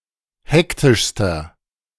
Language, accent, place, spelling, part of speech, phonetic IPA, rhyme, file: German, Germany, Berlin, hektischster, adjective, [ˈhɛktɪʃstɐ], -ɛktɪʃstɐ, De-hektischster.ogg
- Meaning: inflection of hektisch: 1. strong/mixed nominative masculine singular superlative degree 2. strong genitive/dative feminine singular superlative degree 3. strong genitive plural superlative degree